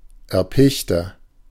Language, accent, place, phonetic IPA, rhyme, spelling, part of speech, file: German, Germany, Berlin, [ɛɐ̯ˈpɪçtɐ], -ɪçtɐ, erpichter, adjective, De-erpichter.ogg
- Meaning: 1. comparative degree of erpicht 2. inflection of erpicht: strong/mixed nominative masculine singular 3. inflection of erpicht: strong genitive/dative feminine singular